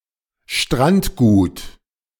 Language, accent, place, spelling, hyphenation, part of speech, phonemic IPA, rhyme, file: German, Germany, Berlin, Strandgut, Strand‧gut, noun, /ˈʃtʁantɡuːt/, -uːt, De-Strandgut.ogg
- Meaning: jetsam, beach litter, beach debris